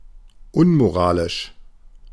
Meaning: immoral
- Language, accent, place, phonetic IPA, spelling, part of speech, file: German, Germany, Berlin, [ˈʊnmoˌʁaːlɪʃ], unmoralisch, adjective, De-unmoralisch.ogg